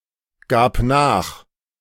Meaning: first/third-person singular preterite of nachgeben
- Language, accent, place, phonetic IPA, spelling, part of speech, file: German, Germany, Berlin, [ˌɡaːp ˈnaːx], gab nach, verb, De-gab nach.ogg